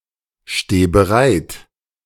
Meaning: singular imperative of bereitstehen
- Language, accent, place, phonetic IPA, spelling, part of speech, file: German, Germany, Berlin, [ˌʃteː bəˈʁaɪ̯t], steh bereit, verb, De-steh bereit.ogg